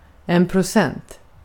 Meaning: percent
- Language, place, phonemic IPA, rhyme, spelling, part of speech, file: Swedish, Gotland, /prʊˈsɛnt/, -ɛnt, procent, noun, Sv-procent.ogg